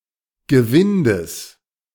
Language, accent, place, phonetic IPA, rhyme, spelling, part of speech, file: German, Germany, Berlin, [ɡəˈvɪndəs], -ɪndəs, Gewindes, noun, De-Gewindes.ogg
- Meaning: genitive singular of Gewinde